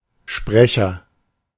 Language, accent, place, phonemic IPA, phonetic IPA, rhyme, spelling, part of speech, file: German, Germany, Berlin, /ˈʃprɛçər/, [ˈʃpʁɛçɐ], -ɛçɐ, Sprecher, noun, De-Sprecher.ogg
- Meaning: a speaker; one who speaks (male or unspecified sex); especially: 1. one who speaks in a presentation or performance, such as a radio drama or voiceover 2. an announcer, newsreader